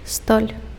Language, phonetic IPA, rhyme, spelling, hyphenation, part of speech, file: Belarusian, [stolʲ], -olʲ, столь, столь, noun, Be-столь.ogg
- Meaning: ceiling (the overhead surface of a room, typically serving as the upper boundary of the space)